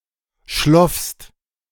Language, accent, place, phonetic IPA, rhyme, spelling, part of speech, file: German, Germany, Berlin, [ʃlɔfst], -ɔfst, schloffst, verb, De-schloffst.ogg
- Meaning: second-person singular preterite of schliefen